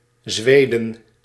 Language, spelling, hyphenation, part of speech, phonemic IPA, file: Dutch, Zweden, Zwe‧den, proper noun / noun, /ˈzʋeː.də(n)/, Nl-Zweden.ogg
- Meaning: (proper noun) Sweden (a country in Scandinavia in Northern Europe); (noun) plural of Zweed